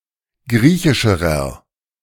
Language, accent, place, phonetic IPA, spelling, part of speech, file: German, Germany, Berlin, [ˈɡʁiːçɪʃəʁɐ], griechischerer, adjective, De-griechischerer.ogg
- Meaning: inflection of griechisch: 1. strong/mixed nominative masculine singular comparative degree 2. strong genitive/dative feminine singular comparative degree 3. strong genitive plural comparative degree